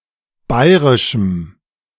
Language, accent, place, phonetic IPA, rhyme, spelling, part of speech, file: German, Germany, Berlin, [ˈbaɪ̯ʁɪʃm̩], -aɪ̯ʁɪʃm̩, bairischem, adjective, De-bairischem.ogg
- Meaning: strong dative masculine/neuter singular of bairisch